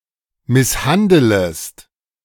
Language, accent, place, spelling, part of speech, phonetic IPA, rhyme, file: German, Germany, Berlin, misshandelest, verb, [ˌmɪsˈhandələst], -andələst, De-misshandelest.ogg
- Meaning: second-person singular subjunctive I of misshandeln